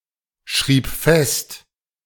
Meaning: first/third-person singular preterite of festschreiben
- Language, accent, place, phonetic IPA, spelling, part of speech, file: German, Germany, Berlin, [ˌʃʁiːp ˈfɛst], schrieb fest, verb, De-schrieb fest.ogg